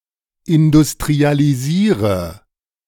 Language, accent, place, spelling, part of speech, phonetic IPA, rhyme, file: German, Germany, Berlin, industrialisiere, verb, [ɪndʊstʁialiˈziːʁə], -iːʁə, De-industrialisiere.ogg
- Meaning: inflection of industrialisieren: 1. first-person singular present 2. singular imperative 3. first/third-person singular subjunctive I